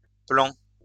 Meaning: masculine plural of plan
- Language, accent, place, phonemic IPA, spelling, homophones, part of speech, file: French, France, Lyon, /plɑ̃/, plans, plan, adjective, LL-Q150 (fra)-plans.wav